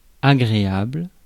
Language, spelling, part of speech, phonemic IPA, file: French, agréable, adjective, /a.ɡʁe.abl/, Fr-agréable.ogg
- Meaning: pleasurable, nice, pleasant, agreeable